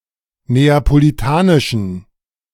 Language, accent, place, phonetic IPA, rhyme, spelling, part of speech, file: German, Germany, Berlin, [ˌneːapoliˈtaːnɪʃn̩], -aːnɪʃn̩, neapolitanischen, adjective, De-neapolitanischen.ogg
- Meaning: inflection of neapolitanisch: 1. strong genitive masculine/neuter singular 2. weak/mixed genitive/dative all-gender singular 3. strong/weak/mixed accusative masculine singular 4. strong dative plural